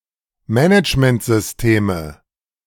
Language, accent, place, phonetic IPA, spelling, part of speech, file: German, Germany, Berlin, [ˈmɛnɪt͡ʃməntzʏsˌteːmə], Managementsysteme, noun, De-Managementsysteme.ogg
- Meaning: nominative/accusative/genitive plural of Managementsystem